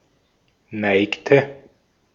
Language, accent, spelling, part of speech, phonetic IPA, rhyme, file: German, Austria, neigte, verb, [ˈnaɪ̯ktə], -aɪ̯ktə, De-at-neigte.ogg
- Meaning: inflection of neigen: 1. first/third-person singular preterite 2. first/third-person singular subjunctive II